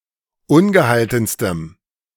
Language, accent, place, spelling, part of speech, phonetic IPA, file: German, Germany, Berlin, ungehaltenstem, adjective, [ˈʊnɡəˌhaltn̩stəm], De-ungehaltenstem.ogg
- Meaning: strong dative masculine/neuter singular superlative degree of ungehalten